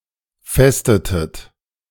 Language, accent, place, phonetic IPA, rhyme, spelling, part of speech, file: German, Germany, Berlin, [ˈfɛstətət], -ɛstətət, festetet, verb, De-festetet.ogg
- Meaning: inflection of festen: 1. second-person plural preterite 2. second-person plural subjunctive II